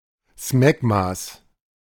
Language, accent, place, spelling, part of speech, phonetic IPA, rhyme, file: German, Germany, Berlin, Smegmas, noun, [ˈsmɛɡmas], -ɛɡmas, De-Smegmas.ogg
- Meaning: genitive of Smegma